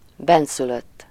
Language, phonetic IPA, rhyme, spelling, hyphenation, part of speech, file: Hungarian, [ˈbɛnsyløtː], -øtː, bennszülött, benn‧szü‧lött, adjective / noun, Hu-bennszülött.ogg
- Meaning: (adjective) aboriginal, endemic; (noun) aboriginal, aborigine